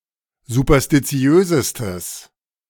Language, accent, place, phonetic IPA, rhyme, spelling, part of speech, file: German, Germany, Berlin, [zupɐstiˈt͡si̯øːzəstəs], -øːzəstəs, superstitiösestes, adjective, De-superstitiösestes.ogg
- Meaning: strong/mixed nominative/accusative neuter singular superlative degree of superstitiös